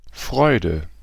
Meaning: joy, delight, glee
- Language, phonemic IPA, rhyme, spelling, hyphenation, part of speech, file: German, /ˈfʁɔɪ̯də/, -ɔɪ̯də, Freude, Freu‧de, noun, De-Freude.ogg